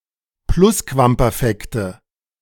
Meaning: nominative/accusative/genitive plural of Plusquamperfekt
- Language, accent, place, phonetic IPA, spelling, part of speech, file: German, Germany, Berlin, [ˈplʊskvampɛʁˌfɛktə], Plusquamperfekte, noun, De-Plusquamperfekte.ogg